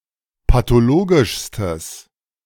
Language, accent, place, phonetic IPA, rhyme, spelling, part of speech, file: German, Germany, Berlin, [patoˈloːɡɪʃstəs], -oːɡɪʃstəs, pathologischstes, adjective, De-pathologischstes.ogg
- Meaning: strong/mixed nominative/accusative neuter singular superlative degree of pathologisch